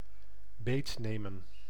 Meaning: to fool, to trick in a playful way
- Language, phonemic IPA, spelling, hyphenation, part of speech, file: Dutch, /ˈbeːtneːmə(n)/, beetnemen, beet‧ne‧men, verb, Nl-beetnemen.ogg